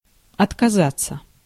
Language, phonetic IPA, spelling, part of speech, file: Russian, [ɐtkɐˈzat͡sːə], отказаться, verb, Ru-отказаться.ogg
- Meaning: 1. to abandon 2. to abdicate 3. to refuse 4. to forgo 5. to renounce 6. passive of отказа́ть (otkazátʹ)